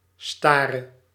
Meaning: singular present subjunctive of staren
- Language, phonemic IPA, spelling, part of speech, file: Dutch, /ˈstarə/, stare, verb, Nl-stare.ogg